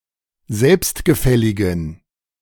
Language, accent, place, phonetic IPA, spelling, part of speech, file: German, Germany, Berlin, [ˈzɛlpstɡəˌfɛlɪɡn̩], selbstgefälligen, adjective, De-selbstgefälligen.ogg
- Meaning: inflection of selbstgefällig: 1. strong genitive masculine/neuter singular 2. weak/mixed genitive/dative all-gender singular 3. strong/weak/mixed accusative masculine singular 4. strong dative plural